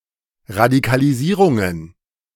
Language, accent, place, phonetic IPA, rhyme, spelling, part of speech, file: German, Germany, Berlin, [ʁadikaliˈziːʁʊŋən], -iːʁʊŋən, Radikalisierungen, noun, De-Radikalisierungen.ogg
- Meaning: plural of Radikalisierung